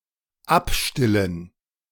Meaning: to wean
- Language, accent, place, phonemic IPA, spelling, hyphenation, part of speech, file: German, Germany, Berlin, /ˈapˌʃtɪlən/, abstillen, ab‧stil‧len, verb, De-abstillen.ogg